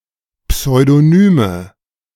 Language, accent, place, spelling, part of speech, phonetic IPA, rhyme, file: German, Germany, Berlin, Pseudonyme, noun, [psɔɪ̯doˈnyːmə], -yːmə, De-Pseudonyme.ogg
- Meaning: nominative/accusative/genitive plural of Pseudonym